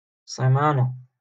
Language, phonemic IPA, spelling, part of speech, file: Moroccan Arabic, /siː.maː.na/, سيمانة, noun, LL-Q56426 (ary)-سيمانة.wav
- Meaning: week